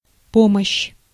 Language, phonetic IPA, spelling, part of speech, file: Russian, [ˈpoməɕː], помощь, noun, Ru-помощь.ogg
- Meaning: 1. help, assistance, aid 2. relief